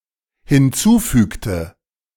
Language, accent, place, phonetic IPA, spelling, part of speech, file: German, Germany, Berlin, [hɪnˈt͡suːˌfyːktə], hinzufügte, verb, De-hinzufügte.ogg
- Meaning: inflection of hinzufügen: 1. first/third-person singular dependent preterite 2. first/third-person singular dependent subjunctive II